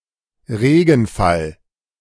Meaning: rainfall
- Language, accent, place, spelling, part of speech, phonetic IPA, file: German, Germany, Berlin, Regenfall, noun, [ˈʁeːɡn̩ˌfal], De-Regenfall.ogg